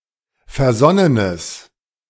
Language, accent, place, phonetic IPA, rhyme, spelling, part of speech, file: German, Germany, Berlin, [fɛɐ̯ˈzɔnənəs], -ɔnənəs, versonnenes, adjective, De-versonnenes.ogg
- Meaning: strong/mixed nominative/accusative neuter singular of versonnen